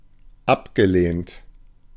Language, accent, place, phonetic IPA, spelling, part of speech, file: German, Germany, Berlin, [ˈapɡəˌleːnt], abgelehnt, adjective / verb, De-abgelehnt.ogg
- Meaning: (verb) past participle of ablehnen; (adjective) 1. rejected, declined 2. opposed